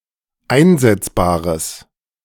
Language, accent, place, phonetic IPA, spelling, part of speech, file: German, Germany, Berlin, [ˈaɪ̯nzɛt͡sbaːʁəs], einsetzbares, adjective, De-einsetzbares.ogg
- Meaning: strong/mixed nominative/accusative neuter singular of einsetzbar